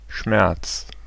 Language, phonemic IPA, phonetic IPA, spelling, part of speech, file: German, /ʃmɛʁts/, [ʃmɛɐ̯ts], Schmerz, noun, De-Schmerz.ogg
- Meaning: 1. physical pain, ache (practically, as a sensation) 2. physical pain (theoretically, as a bodily mechanism or function) 3. emotional pain, sorrow, heartache